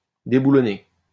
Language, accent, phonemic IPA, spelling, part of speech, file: French, France, /de.bu.lɔ.ne/, déboulonner, verb, LL-Q150 (fra)-déboulonner.wav
- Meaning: 1. to unbolt 2. to remove from office; to oust